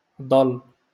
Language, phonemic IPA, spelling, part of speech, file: Moroccan Arabic, /dˤall/, ضل, noun, LL-Q56426 (ary)-ضل.wav
- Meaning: shadow